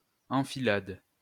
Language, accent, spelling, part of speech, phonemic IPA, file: French, France, enfilade, noun, /ɑ̃.fi.lad/, LL-Q150 (fra)-enfilade.wav
- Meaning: 1. row or series (of houses) 2. enfilade 3. enfilade (gunfire) 4. skewer